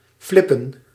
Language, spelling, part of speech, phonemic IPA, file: Dutch, flippen, verb, /ˈflɪpə(n)/, Nl-flippen.ogg
- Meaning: 1. to roll, for example a joint 2. to go berserk, to flip 3. to act out of the ordinary, for example having an epileptic attack